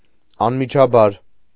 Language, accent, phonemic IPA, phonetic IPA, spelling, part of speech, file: Armenian, Eastern Armenian, /ɑnmit͡ʃʰɑˈbɑɾ/, [ɑnmit͡ʃʰɑbɑ́ɾ], անմիջաբար, adverb, Hy-անմիջաբար.ogg
- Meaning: directly, immediately, instantly